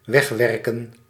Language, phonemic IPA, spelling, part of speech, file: Dutch, /ˈwɛxwɛrkə(n)/, wegwerken, verb / noun, Nl-wegwerken.ogg
- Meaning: to eliminate, get rid of